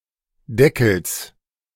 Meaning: genitive singular of Deckel
- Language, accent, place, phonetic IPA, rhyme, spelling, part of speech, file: German, Germany, Berlin, [ˈdɛkl̩s], -ɛkl̩s, Deckels, noun, De-Deckels.ogg